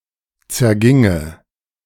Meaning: first/third-person singular subjunctive II of zergehen
- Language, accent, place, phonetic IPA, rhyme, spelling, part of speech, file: German, Germany, Berlin, [t͡sɛɐ̯ˈɡɪŋə], -ɪŋə, zerginge, verb, De-zerginge.ogg